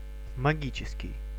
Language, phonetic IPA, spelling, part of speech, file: Russian, [mɐˈɡʲit͡ɕɪskʲɪj], магический, adjective, Ru-магический.ogg
- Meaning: magical